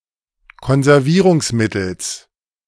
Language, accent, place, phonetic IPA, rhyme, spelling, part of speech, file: German, Germany, Berlin, [kɔnzɛʁˈviːʁʊŋsˌmɪtl̩s], -iːʁʊŋsmɪtl̩s, Konservierungsmittels, noun, De-Konservierungsmittels.ogg
- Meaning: genitive singular of Konservierungsmittel